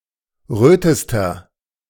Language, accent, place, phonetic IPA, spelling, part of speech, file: German, Germany, Berlin, [ˈʁøːtəstɐ], rötester, adjective, De-rötester.ogg
- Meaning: inflection of rot: 1. strong/mixed nominative masculine singular superlative degree 2. strong genitive/dative feminine singular superlative degree 3. strong genitive plural superlative degree